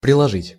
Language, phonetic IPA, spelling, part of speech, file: Russian, [prʲɪɫɐˈʐɨtʲ], приложить, verb, Ru-приложить.ogg
- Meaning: 1. to put (next to) 2. to enclose, to join, to attach 3. to apply, to use 4. to smack, to whack